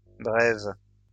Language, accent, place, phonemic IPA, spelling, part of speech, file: French, France, Lyon, /bʁɛv/, brèves, adjective, LL-Q150 (fra)-brèves.wav
- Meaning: feminine plural of bref